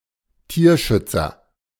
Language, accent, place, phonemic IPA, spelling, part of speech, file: German, Germany, Berlin, /ˈtiːɐ̯ˌʃʏtsɐ/, Tierschützer, noun, De-Tierschützer.ogg
- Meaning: animal rights activist (male or of unspecified gender)